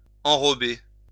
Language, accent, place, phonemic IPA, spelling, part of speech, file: French, France, Lyon, /ɑ̃.ʁɔ.be/, enrober, verb, LL-Q150 (fra)-enrober.wav
- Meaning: to coat